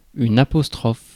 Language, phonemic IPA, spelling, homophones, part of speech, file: French, /a.pɔs.tʁɔf/, apostrophe, apostrophent / apostrophes, noun / verb, Fr-apostrophe.ogg
- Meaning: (noun) 1. apostrophe 2. A vocative expression; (verb) inflection of apostropher: 1. first/third-person singular present indicative/subjunctive 2. second-person singular imperative